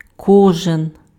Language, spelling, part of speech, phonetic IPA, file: Ukrainian, кожен, adjective, [ˈkɔʒen], Uk-кожен.ogg
- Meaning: short form of ко́жний (kóžnyj)